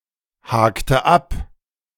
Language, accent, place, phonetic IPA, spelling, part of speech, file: German, Germany, Berlin, [ˌhaːktə ˈap], hakte ab, verb, De-hakte ab.ogg
- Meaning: inflection of abhaken: 1. first/third-person singular preterite 2. first/third-person singular subjunctive II